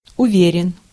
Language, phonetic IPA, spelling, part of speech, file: Russian, [ʊˈvʲerʲɪn], уверен, adjective, Ru-уверен.ogg
- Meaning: short masculine singular of уве́ренный (uvérennyj)